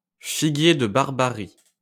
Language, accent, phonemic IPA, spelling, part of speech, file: French, France, /fi.ɡje d(ə) baʁ.ba.ʁi/, figuier de Barbarie, noun, LL-Q150 (fra)-figuier de Barbarie.wav
- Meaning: prickly pear, the plant Opuntia ficus-indica